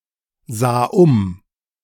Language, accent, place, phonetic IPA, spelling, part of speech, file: German, Germany, Berlin, [ˌzaː ˈʊm], sah um, verb, De-sah um.ogg
- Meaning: first/third-person singular preterite of umsehen